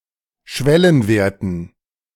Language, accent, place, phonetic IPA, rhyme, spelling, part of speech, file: German, Germany, Berlin, [ˈʃvɛlənˌveːɐ̯tn̩], -ɛlənveːɐ̯tn̩, Schwellenwerten, noun, De-Schwellenwerten.ogg
- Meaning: dative plural of Schwellenwert